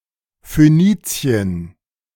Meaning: Phoenicia (an ancient region in modern Lebanon and Syria)
- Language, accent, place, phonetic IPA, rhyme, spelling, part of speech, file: German, Germany, Berlin, [føˈniːt͡si̯ən], -iːt͡si̯ən, Phönizien, proper noun, De-Phönizien.ogg